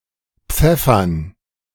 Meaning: 1. to pepper (to add pepper to) 2. to envigorate 3. to fling, to hurl (to throw with violence)
- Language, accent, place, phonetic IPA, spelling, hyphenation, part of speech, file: German, Germany, Berlin, [ˈp͡fɛfɐn], pfeffern, pfef‧fern, verb, De-pfeffern.ogg